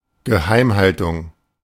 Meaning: secrecy
- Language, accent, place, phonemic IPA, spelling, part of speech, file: German, Germany, Berlin, /ɡə.ˈhaɪ̯m.ˌhal.tʊŋ/, Geheimhaltung, noun, De-Geheimhaltung.ogg